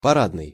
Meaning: 1. parade 2. front, main (entrance) 3. gala, for show 4. formal, full (of dress, uniform)
- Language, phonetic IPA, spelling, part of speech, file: Russian, [pɐˈradnɨj], парадный, adjective, Ru-парадный.ogg